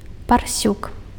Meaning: 1. barrow (castrated male domestic pig) 2. pig
- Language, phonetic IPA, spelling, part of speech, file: Belarusian, [parˈsʲuk], парсюк, noun, Be-парсюк.ogg